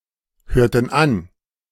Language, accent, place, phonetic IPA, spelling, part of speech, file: German, Germany, Berlin, [ˌhøːɐ̯tn̩ ˈan], hörten an, verb, De-hörten an.ogg
- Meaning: inflection of anhören: 1. first/third-person plural preterite 2. first/third-person plural subjunctive II